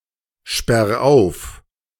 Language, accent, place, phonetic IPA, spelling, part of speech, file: German, Germany, Berlin, [ˌʃpɛʁ ˈaʊ̯f], sperr auf, verb, De-sperr auf.ogg
- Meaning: 1. singular imperative of aufsperren 2. first-person singular present of aufsperren